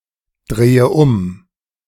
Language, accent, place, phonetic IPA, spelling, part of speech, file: German, Germany, Berlin, [ˌdʁeːə ˈʊm], drehe um, verb, De-drehe um.ogg
- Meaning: inflection of umdrehen: 1. first-person singular present 2. first/third-person singular subjunctive I 3. singular imperative